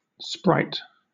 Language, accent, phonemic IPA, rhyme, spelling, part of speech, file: English, Southern England, /spɹaɪt/, -aɪt, sprite, noun / verb, LL-Q1860 (eng)-sprite.wav
- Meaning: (noun) Any of various supernatural beings, loosely defined: 1. A spirit; a soul; a shade 2. An apparition; a ghost 3. An elf, fairy, or goblin; one with a small humanlike physical body